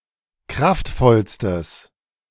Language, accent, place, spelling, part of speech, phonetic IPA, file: German, Germany, Berlin, kraftvollstes, adjective, [ˈkʁaftˌfɔlstəs], De-kraftvollstes.ogg
- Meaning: strong/mixed nominative/accusative neuter singular superlative degree of kraftvoll